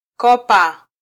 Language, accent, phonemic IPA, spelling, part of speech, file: Swahili, Kenya, /ˈkɔ.pɑ/, kopa, noun / verb, Sw-ke-kopa.flac
- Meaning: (noun) heart (card of a "hearts" suit); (verb) 1. to borrow 2. to swindle (to defraud someone)